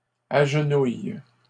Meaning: inflection of agenouiller: 1. first/third-person singular present indicative/subjunctive 2. second-person singular imperative
- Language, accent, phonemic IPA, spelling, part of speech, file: French, Canada, /aʒ.nuj/, agenouille, verb, LL-Q150 (fra)-agenouille.wav